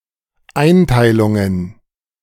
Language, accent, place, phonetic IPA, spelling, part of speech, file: German, Germany, Berlin, [ˈaɪ̯ntaɪ̯lʊŋən], Einteilungen, noun, De-Einteilungen.ogg
- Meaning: plural of Einteilung